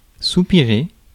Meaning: 1. to sigh 2. to yearn, to long for
- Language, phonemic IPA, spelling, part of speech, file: French, /su.pi.ʁe/, soupirer, verb, Fr-soupirer.ogg